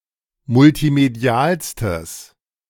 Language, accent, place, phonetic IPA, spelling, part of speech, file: German, Germany, Berlin, [mʊltiˈmedi̯aːlstəs], multimedialstes, adjective, De-multimedialstes.ogg
- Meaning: strong/mixed nominative/accusative neuter singular superlative degree of multimedial